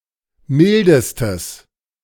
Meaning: strong/mixed nominative/accusative neuter singular superlative degree of mild
- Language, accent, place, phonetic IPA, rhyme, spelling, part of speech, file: German, Germany, Berlin, [ˈmɪldəstəs], -ɪldəstəs, mildestes, adjective, De-mildestes.ogg